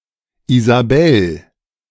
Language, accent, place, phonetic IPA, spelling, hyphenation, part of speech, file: German, Germany, Berlin, [izaˈbɛl], Isabel, I‧sa‧bel, proper noun, De-Isabel.ogg
- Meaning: a female given name from Spanish, variant of Isabella and Isabelle